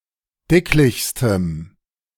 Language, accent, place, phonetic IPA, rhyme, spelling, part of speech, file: German, Germany, Berlin, [ˈdɪklɪçstəm], -ɪklɪçstəm, dicklichstem, adjective, De-dicklichstem.ogg
- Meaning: strong dative masculine/neuter singular superlative degree of dicklich